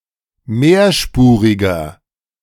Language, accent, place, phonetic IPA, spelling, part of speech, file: German, Germany, Berlin, [ˈmeːɐ̯ˌʃpuːʁɪɡɐ], mehrspuriger, adjective, De-mehrspuriger.ogg
- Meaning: inflection of mehrspurig: 1. strong/mixed nominative masculine singular 2. strong genitive/dative feminine singular 3. strong genitive plural